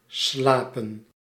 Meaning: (verb) to sleep; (noun) plural of slaap
- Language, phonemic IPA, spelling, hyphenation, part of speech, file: Dutch, /ˈslaː.pə(n)/, slapen, sla‧pen, verb / noun, Nl-slapen.ogg